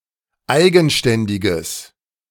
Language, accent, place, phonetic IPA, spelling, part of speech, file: German, Germany, Berlin, [ˈaɪ̯ɡn̩ˌʃtɛndɪɡəs], eigenständiges, adjective, De-eigenständiges.ogg
- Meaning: strong/mixed nominative/accusative neuter singular of eigenständig